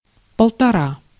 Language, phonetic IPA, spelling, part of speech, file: Russian, [pəɫtɐˈra], полтора, numeral, Ru-полтора.ogg
- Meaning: one and a half (1½), sesqui-